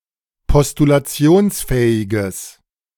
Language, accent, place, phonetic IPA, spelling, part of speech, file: German, Germany, Berlin, [pɔstulaˈt͡si̯oːnsˌfɛːɪɡəs], postulationsfähiges, adjective, De-postulationsfähiges.ogg
- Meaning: strong/mixed nominative/accusative neuter singular of postulationsfähig